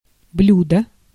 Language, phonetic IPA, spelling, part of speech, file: Russian, [ˈblʲudə], блюдо, noun, Ru-блюдо.ogg
- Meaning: 1. dish, plate 2. dish, course 3. dish, a specific type of prepared food